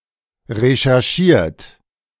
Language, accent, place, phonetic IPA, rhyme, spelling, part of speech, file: German, Germany, Berlin, [ʁeʃɛʁˈʃiːɐ̯t], -iːɐ̯t, recherchiert, adjective / verb, De-recherchiert.ogg
- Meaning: 1. past participle of recherchieren 2. inflection of recherchieren: third-person singular present 3. inflection of recherchieren: second-person plural present